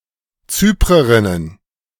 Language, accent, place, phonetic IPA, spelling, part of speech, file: German, Germany, Berlin, [ˈt͡syːpʁəʁɪnən], Zyprerinnen, noun, De-Zyprerinnen.ogg
- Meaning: plural of Zyprerin